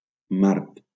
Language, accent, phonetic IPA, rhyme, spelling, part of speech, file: Catalan, Valencia, [ˈmaɾt], -aɾt, mart, noun, LL-Q7026 (cat)-mart.wav
- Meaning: marten, especially the European pine marten (Martes martes)